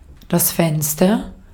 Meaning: 1. window 2. time frame
- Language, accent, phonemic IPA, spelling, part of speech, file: German, Austria, /ˈfɛnstɐ/, Fenster, noun, De-at-Fenster.ogg